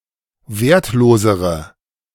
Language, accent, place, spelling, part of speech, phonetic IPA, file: German, Germany, Berlin, wertlosere, adjective, [ˈveːɐ̯tˌloːzəʁə], De-wertlosere.ogg
- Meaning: inflection of wertlos: 1. strong/mixed nominative/accusative feminine singular comparative degree 2. strong nominative/accusative plural comparative degree